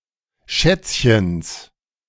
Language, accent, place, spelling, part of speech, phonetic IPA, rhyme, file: German, Germany, Berlin, Schätzchens, noun, [ˈʃɛt͡sçəns], -ɛt͡sçəns, De-Schätzchens.ogg
- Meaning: genitive singular of Schätzchen